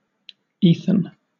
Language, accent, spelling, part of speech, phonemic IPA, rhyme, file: English, Southern England, Ethan, proper noun, /ˈiːθən/, -iːθən, LL-Q1860 (eng)-Ethan.wav
- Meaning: 1. A male given name from Hebrew, of mostly American usage since the 18th century; popular in the 2000s 2. A town in South Dakota, United States